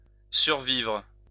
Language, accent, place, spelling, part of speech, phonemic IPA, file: French, France, Lyon, survivre, verb, /syʁ.vivʁ/, LL-Q150 (fra)-survivre.wav
- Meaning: 1. to survive 2. to outlive